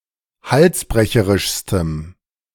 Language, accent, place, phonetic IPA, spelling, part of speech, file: German, Germany, Berlin, [ˈhalsˌbʁɛçəʁɪʃstəm], halsbrecherischstem, adjective, De-halsbrecherischstem.ogg
- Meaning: strong dative masculine/neuter singular superlative degree of halsbrecherisch